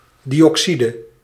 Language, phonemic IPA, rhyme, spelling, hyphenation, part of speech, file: Dutch, /ˌdi.ɔkˈsi.də/, -idə, dioxide, di‧oxi‧de, noun, Nl-dioxide.ogg
- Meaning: dioxide